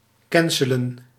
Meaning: to cancel
- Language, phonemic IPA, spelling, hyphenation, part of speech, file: Dutch, /ˈkɛn.sə.lə(n)/, cancelen, can‧ce‧len, verb, Nl-cancelen.ogg